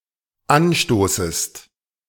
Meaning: second-person singular dependent subjunctive I of anstoßen
- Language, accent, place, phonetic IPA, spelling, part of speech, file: German, Germany, Berlin, [ˈanˌʃtoːsəst], anstoßest, verb, De-anstoßest.ogg